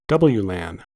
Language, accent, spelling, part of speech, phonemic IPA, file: English, US, WLAN, noun, /ˈdʌbəlju.læn/, En-us-WLAN.ogg
- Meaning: Initialism of wireless local area network